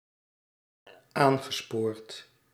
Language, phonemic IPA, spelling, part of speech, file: Dutch, /ˈaŋɣəˌsport/, aangespoord, verb, Nl-aangespoord.ogg
- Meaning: past participle of aansporen